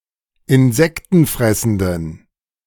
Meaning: inflection of insektenfressend: 1. strong genitive masculine/neuter singular 2. weak/mixed genitive/dative all-gender singular 3. strong/weak/mixed accusative masculine singular
- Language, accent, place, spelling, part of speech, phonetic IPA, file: German, Germany, Berlin, insektenfressenden, adjective, [ɪnˈzɛktn̩ˌfʁɛsn̩dən], De-insektenfressenden.ogg